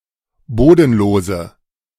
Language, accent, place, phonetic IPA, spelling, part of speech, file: German, Germany, Berlin, [ˈboːdn̩ˌloːzə], bodenlose, adjective, De-bodenlose.ogg
- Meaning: inflection of bodenlos: 1. strong/mixed nominative/accusative feminine singular 2. strong nominative/accusative plural 3. weak nominative all-gender singular